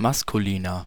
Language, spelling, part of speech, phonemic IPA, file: German, Maskulina, noun, /ˈmaskuliːna/, De-Maskulina.ogg
- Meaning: plural of Maskulinum